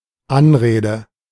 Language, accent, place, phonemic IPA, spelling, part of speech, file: German, Germany, Berlin, /ˈanˌʁeːdə/, Anrede, noun, De-Anrede.ogg
- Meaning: 1. salutation, form of address (e.g., in a letter), appellation, title 2. a (short) speech to someone